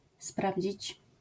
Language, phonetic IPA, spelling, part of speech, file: Polish, [ˈspravʲd͡ʑit͡ɕ], sprawdzić, verb, LL-Q809 (pol)-sprawdzić.wav